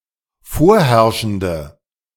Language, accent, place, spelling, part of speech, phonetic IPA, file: German, Germany, Berlin, vorherrschende, adjective, [ˈfoːɐ̯ˌhɛʁʃn̩də], De-vorherrschende.ogg
- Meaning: inflection of vorherrschend: 1. strong/mixed nominative/accusative feminine singular 2. strong nominative/accusative plural 3. weak nominative all-gender singular